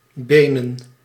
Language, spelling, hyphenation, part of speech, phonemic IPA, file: Dutch, benen, be‧nen, adjective / verb / noun, /ˈbeːnə(n)/, Nl-benen.ogg
- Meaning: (adjective) made of bone; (verb) to walk in large strides; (noun) plural of been